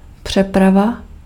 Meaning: transport (of persons or goods)
- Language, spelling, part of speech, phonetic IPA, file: Czech, přeprava, noun, [ˈpr̝̊ɛprava], Cs-přeprava.ogg